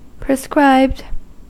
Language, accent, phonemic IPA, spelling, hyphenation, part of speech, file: English, US, /pɹəˈskɹaɪbd/, prescribed, pre‧scribed, verb / adjective, En-us-prescribed.ogg
- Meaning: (verb) simple past and past participle of prescribe; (adjective) Of a procedure, specified to a great degree of detail; established as following a strict procedure or set of rules